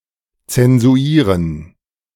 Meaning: 1. to censor (a printed work, etc.) 2. to grade, give a grade
- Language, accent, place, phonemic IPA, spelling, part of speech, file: German, Germany, Berlin, /t͡sɛnzuˈʁiːʁən/, zensurieren, verb, De-zensurieren.ogg